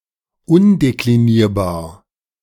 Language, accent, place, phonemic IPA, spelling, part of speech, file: German, Germany, Berlin, /ˈʊndekliˌniːɐ̯baːɐ̯/, undeklinierbar, adjective, De-undeklinierbar.ogg
- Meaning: indeclinable